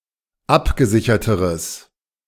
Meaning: strong/mixed nominative/accusative neuter singular comparative degree of abgesichert
- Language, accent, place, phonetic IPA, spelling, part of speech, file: German, Germany, Berlin, [ˈapɡəˌzɪçɐtəʁəs], abgesicherteres, adjective, De-abgesicherteres.ogg